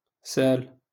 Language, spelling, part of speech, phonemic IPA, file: Moroccan Arabic, سال, verb, /saːl/, LL-Q56426 (ary)-سال.wav
- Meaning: 1. to flow, to run 2. to be owed money 3. to ask